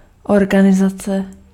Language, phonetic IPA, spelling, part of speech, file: Czech, [ˈorɡanɪzat͡sɛ], organizace, noun, Cs-organizace.ogg
- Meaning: organization (group of people)